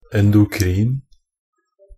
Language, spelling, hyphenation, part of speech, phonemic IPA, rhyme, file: Norwegian Bokmål, endokrin, en‧do‧krin, adjective, /ɛndʊˈkriːn/, -iːn, Nb-endokrin.ogg
- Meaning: 1. endocrine (pertaining to the endocrine glands or their secretions) 2. endocrine (producing internal secretions that are transported around the body by the bloodstream)